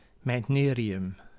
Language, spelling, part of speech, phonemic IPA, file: Dutch, meitnerium, noun, /mɛitˈneriˌjʏm/, Nl-meitnerium.ogg
- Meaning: meitnerium